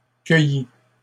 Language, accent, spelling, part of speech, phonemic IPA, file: French, Canada, cueillit, verb, /kœ.ji/, LL-Q150 (fra)-cueillit.wav
- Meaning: third-person singular past historic of cueillir